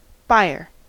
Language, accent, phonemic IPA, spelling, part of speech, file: English, US, /ˈbaɪ.əɹ/, buyer, noun, En-us-buyer.ogg
- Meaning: 1. A person who makes one or more purchases 2. A person who purchases items for resale in a retail establishment